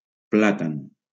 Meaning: 1. a planetree, especially the London plane (Platanus × acerifolia) 2. Canarian banana (fruit)
- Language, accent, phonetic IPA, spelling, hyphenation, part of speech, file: Catalan, Valencia, [ˈpla.tan], plàtan, plà‧tan, noun, LL-Q7026 (cat)-plàtan.wav